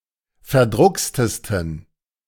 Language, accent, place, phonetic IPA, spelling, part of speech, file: German, Germany, Berlin, [fɛɐ̯ˈdʁʊkstəstn̩], verdruckstesten, adjective, De-verdruckstesten.ogg
- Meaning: 1. superlative degree of verdruckst 2. inflection of verdruckst: strong genitive masculine/neuter singular superlative degree